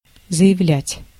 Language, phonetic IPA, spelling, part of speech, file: Russian, [zə(j)ɪˈvlʲætʲ], заявлять, verb, Ru-заявлять.ogg
- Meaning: 1. to declare, to announce 2. to say (of a high-rank person or ironically), to claim, to state 3. to apply (to submit oneself as a candidate) 4. to file